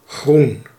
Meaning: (adjective) 1. green 2. pertaining to terrestrial nature 3. green, relating to green parties, green politics or sustainability in general; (noun) 1. the colour green 2. greenery, verdure
- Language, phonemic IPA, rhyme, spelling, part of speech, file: Dutch, /ɣrun/, -un, groen, adjective / noun, Nl-groen.ogg